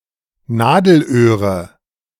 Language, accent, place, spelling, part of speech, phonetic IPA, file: German, Germany, Berlin, Nadelöhre, noun, [ˈnaːdəlˌʔøːʁə], De-Nadelöhre.ogg
- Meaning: nominative/accusative/genitive plural of Nadelöhr